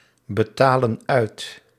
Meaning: inflection of uitbetalen: 1. plural present indicative 2. plural present subjunctive
- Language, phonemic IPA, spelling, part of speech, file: Dutch, /bəˈtalə(n) ˈœyt/, betalen uit, verb, Nl-betalen uit.ogg